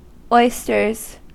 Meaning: plural of oyster
- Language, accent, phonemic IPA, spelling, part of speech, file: English, US, /ˈɔɪ.stɚz/, oysters, noun, En-us-oysters.ogg